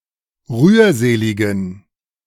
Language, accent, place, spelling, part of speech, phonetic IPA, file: German, Germany, Berlin, rührseligen, adjective, [ˈʁyːɐ̯ˌzeːlɪɡn̩], De-rührseligen.ogg
- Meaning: inflection of rührselig: 1. strong genitive masculine/neuter singular 2. weak/mixed genitive/dative all-gender singular 3. strong/weak/mixed accusative masculine singular 4. strong dative plural